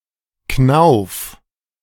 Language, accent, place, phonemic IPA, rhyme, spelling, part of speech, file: German, Germany, Berlin, /knaʊ̯f/, -aʊ̯f, Knauf, noun, De-Knauf.ogg
- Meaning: knob, doorknob, stud